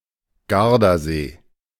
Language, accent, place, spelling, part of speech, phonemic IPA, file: German, Germany, Berlin, Gardasee, proper noun, /ˈɡaʁdaˌzeː/, De-Gardasee.ogg
- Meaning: Lake Garda (large lake in northern Italy)